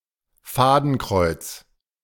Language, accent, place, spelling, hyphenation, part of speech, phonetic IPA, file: German, Germany, Berlin, Fadenkreuz, Fa‧den‧kreuz, noun, [ˈfaːdn̩ˌkʁɔɪ̯t͡s], De-Fadenkreuz.ogg
- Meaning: crosshairs